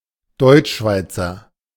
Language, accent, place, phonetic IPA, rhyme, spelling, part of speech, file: German, Germany, Berlin, [ˈdɔɪ̯t͡ʃˌʃvaɪ̯t͡sɐ], -aɪ̯t͡sɐ, Deutschschweizer, noun / adjective, De-Deutschschweizer.ogg
- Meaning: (noun) German-speaking Swiss person; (adjective) of German-speaking Switzerland